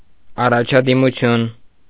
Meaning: 1. progress, advancement, improvement 2. promotion (e.g., in work or education)
- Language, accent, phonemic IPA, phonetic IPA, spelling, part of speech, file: Armenian, Eastern Armenian, /ɑrɑt͡ʃʰɑdimuˈtʰjun/, [ɑrɑt͡ʃʰɑdimut͡sʰjún], առաջադիմություն, noun, Hy-առաջադիմություն.ogg